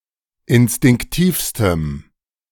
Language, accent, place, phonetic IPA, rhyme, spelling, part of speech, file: German, Germany, Berlin, [ɪnstɪŋkˈtiːfstəm], -iːfstəm, instinktivstem, adjective, De-instinktivstem.ogg
- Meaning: strong dative masculine/neuter singular superlative degree of instinktiv